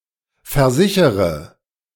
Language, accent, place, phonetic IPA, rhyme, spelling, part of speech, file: German, Germany, Berlin, [fɛɐ̯ˈzɪçəʁə], -ɪçəʁə, versichere, verb, De-versichere.ogg
- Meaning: inflection of versichern: 1. first-person singular present 2. first/third-person singular subjunctive I 3. singular imperative